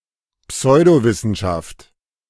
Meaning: pseudoscience (any body of knowledge purported to be scientific or supported by science but which fails to comply with the scientific method)
- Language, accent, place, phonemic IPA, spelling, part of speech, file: German, Germany, Berlin, /ˈpsɔɪ̯doˌvɪsn̩ʃaft/, Pseudowissenschaft, noun, De-Pseudowissenschaft.ogg